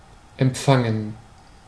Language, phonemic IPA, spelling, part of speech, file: German, /ɛmˈ(p)faŋən/, empfangen, verb, De-empfangen.ogg
- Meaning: 1. to receive (e.g. a present, a guest) 2. to welcome; to greet; to receive cordially 3. to conceive; to become pregnant (with)